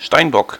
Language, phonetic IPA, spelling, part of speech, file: German, [ˈʃtaɪ̯nˌbɔk], Steinbock, noun, De-Steinbock.ogg
- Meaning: 1. ibex 2. Capricorn (constellation) 3. Capricorn (zodiac sign)